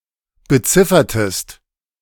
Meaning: inflection of beziffern: 1. second-person singular preterite 2. second-person singular subjunctive II
- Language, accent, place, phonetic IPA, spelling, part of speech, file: German, Germany, Berlin, [bəˈt͡sɪfɐtəst], beziffertest, verb, De-beziffertest.ogg